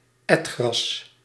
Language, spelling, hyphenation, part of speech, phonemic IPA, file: Dutch, etgras, et‧gras, noun, /ˈɛt.xrɑs/, Nl-etgras.ogg
- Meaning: the lattermath, grass grown after the first crop has been harvested for hay